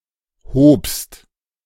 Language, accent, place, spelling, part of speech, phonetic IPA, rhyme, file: German, Germany, Berlin, hobst, verb, [hoːpst], -oːpst, De-hobst.ogg
- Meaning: second-person singular preterite of heben